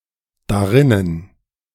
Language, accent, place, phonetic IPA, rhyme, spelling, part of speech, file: German, Germany, Berlin, [daˈʁɪnən], -ɪnən, darinnen, adverb, De-darinnen.ogg
- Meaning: synonym of darin